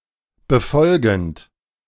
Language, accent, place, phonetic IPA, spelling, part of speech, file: German, Germany, Berlin, [bəˈfɔlɡn̩t], befolgend, verb, De-befolgend.ogg
- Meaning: present participle of befolgen